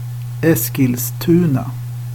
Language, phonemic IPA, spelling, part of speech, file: Swedish, /ˈɛ̂sːkɪlsˌtʉːna/, Eskilstuna, proper noun, Sv-Eskilstuna.ogg
- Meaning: a town and municipality of Södermanland County, Sweden